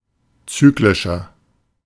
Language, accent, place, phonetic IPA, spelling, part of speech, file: German, Germany, Berlin, [ˈt͡syːklɪʃɐ], zyklischer, adjective, De-zyklischer.ogg
- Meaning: 1. comparative degree of zyklisch 2. inflection of zyklisch: strong/mixed nominative masculine singular 3. inflection of zyklisch: strong genitive/dative feminine singular